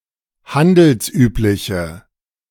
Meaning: inflection of handelsüblich: 1. strong/mixed nominative/accusative feminine singular 2. strong nominative/accusative plural 3. weak nominative all-gender singular
- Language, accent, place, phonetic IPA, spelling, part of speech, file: German, Germany, Berlin, [ˈhandl̩sˌʔyːplɪçə], handelsübliche, adjective, De-handelsübliche.ogg